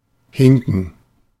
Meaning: to limp, to hobble (walk with difficulty due to injury)
- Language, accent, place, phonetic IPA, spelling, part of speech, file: German, Germany, Berlin, [ˈhɪŋkn̩], hinken, verb, De-hinken.ogg